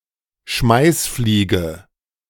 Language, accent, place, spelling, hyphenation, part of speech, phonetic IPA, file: German, Germany, Berlin, Schmeißfliege, Schmeiß‧flie‧ge, noun, [ˈʃmaɪ̯sˌfliːɡə], De-Schmeißfliege.ogg
- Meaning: 1. blowfly (insect of the family Calliphoridae) 2. leftist intellectual